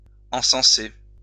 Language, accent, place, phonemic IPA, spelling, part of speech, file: French, France, Lyon, /ɑ̃.sɑ̃.se/, encenser, verb, LL-Q150 (fra)-encenser.wav
- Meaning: 1. to cense, to incense 2. to acclaim, to sing the praises of